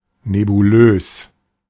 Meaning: nebulous (vague and ill-defined)
- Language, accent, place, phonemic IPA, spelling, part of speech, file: German, Germany, Berlin, /nebuˈløːs/, nebulös, adjective, De-nebulös.ogg